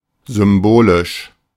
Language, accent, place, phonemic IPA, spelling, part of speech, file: German, Germany, Berlin, /zʏmˈboːlɪʃ/, symbolisch, adjective / adverb, De-symbolisch.ogg
- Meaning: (adjective) 1. symbolic/symbolical 2. figurative; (adverb) 1. symbolically 2. figuratively